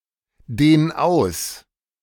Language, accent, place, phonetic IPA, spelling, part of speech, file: German, Germany, Berlin, [ˌdeːn ˈaʊ̯s], dehn aus, verb, De-dehn aus.ogg
- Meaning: 1. singular imperative of ausdehnen 2. first-person singular present of ausdehnen